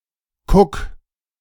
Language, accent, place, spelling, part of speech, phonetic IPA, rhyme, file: German, Germany, Berlin, kuck, verb, [kʊk], -ʊk, De-kuck.ogg
- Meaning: 1. singular imperative of kucken 2. first-person singular present of kucken